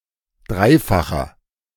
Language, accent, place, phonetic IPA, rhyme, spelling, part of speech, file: German, Germany, Berlin, [ˈdʁaɪ̯faxɐ], -aɪ̯faxɐ, dreifacher, adjective, De-dreifacher.ogg
- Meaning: inflection of dreifach: 1. strong/mixed nominative masculine singular 2. strong genitive/dative feminine singular 3. strong genitive plural